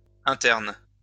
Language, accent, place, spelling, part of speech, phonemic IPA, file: French, France, Lyon, internes, adjective, /ɛ̃.tɛʁn/, LL-Q150 (fra)-internes.wav
- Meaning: plural of interne